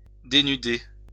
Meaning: 1. to render nude, to take off (clothing) 2. to remove, to strip off, to expose
- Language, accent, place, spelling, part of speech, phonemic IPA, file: French, France, Lyon, dénuder, verb, /de.ny.de/, LL-Q150 (fra)-dénuder.wav